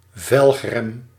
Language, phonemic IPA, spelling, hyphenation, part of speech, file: Dutch, /ˈvɛlx.rɛm/, velgrem, velg‧rem, noun, Nl-velgrem.ogg
- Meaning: rim brake